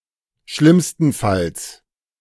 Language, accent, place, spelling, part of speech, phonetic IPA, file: German, Germany, Berlin, schlimmstenfalls, adverb, [ˈʃlɪmstn̩fals], De-schlimmstenfalls.ogg
- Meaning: at worst, in the worst case